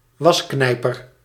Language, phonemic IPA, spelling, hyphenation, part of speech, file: Dutch, /ˈʋɑsˌknɛi̯.pər/, wasknijper, was‧knij‧per, noun, Nl-wasknijper.ogg
- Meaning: a clothespin